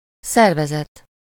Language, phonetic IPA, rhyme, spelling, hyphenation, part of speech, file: Hungarian, [ˈsɛrvɛzɛt], -ɛt, szervezet, szer‧ve‧zet, noun, Hu-szervezet.ogg
- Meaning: 1. organism, structure 2. organization, corporation